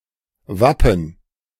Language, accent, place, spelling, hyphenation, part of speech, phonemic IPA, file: German, Germany, Berlin, Wappen, Wap‧pen, noun, /ˈvapən/, De-Wappen.ogg
- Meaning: coat of arms